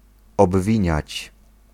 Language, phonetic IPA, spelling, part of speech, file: Polish, [ɔbˈvʲĩɲät͡ɕ], obwiniać, verb, Pl-obwiniać.ogg